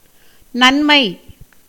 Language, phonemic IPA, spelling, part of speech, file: Tamil, /nɐnmɐɪ̯/, நன்மை, noun, Ta-நன்மை.ogg
- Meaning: 1. good, goodness 2. benefit, help, benefaction, aid 3. excellence 4. utility, usefulness 5. virtue, morality 6. good nature, good temper 7. auspiciousness, prosperity, welfare 8. happy occasion